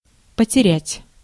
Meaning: 1. to lose, to waste 2. to shed
- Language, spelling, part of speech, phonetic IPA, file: Russian, потерять, verb, [pətʲɪˈrʲætʲ], Ru-потерять.ogg